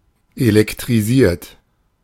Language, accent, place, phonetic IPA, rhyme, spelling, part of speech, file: German, Germany, Berlin, [elɛktʁiˈziːɐ̯t], -iːɐ̯t, elektrisiert, adjective / verb, De-elektrisiert.ogg
- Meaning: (verb) past participle of elektrisieren; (adjective) electrified; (verb) inflection of elektrisieren: 1. third-person singular present 2. second-person plural present 3. plural imperative